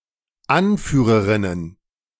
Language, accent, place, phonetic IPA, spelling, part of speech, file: German, Germany, Berlin, [ˈanˌfyːʁəʁɪnən], Anführerinnen, noun, De-Anführerinnen.ogg
- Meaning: plural of Anführerin